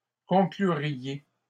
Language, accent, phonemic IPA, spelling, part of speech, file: French, Canada, /kɔ̃.kly.ʁje/, concluriez, verb, LL-Q150 (fra)-concluriez.wav
- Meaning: second-person plural conditional of conclure